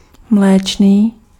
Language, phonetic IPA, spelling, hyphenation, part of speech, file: Czech, [ˈmlɛːt͡ʃniː], mléčný, mléč‧ný, adjective, Cs-mléčný.ogg
- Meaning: 1. dairy (of products produced from milk) 2. dairy (of milk production and processing industries) 3. milk; milky